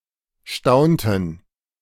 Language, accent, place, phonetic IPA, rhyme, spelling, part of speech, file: German, Germany, Berlin, [ˈʃtaʊ̯ntn̩], -aʊ̯ntn̩, staunten, verb, De-staunten.ogg
- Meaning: inflection of staunen: 1. first/third-person plural preterite 2. first/third-person plural subjunctive II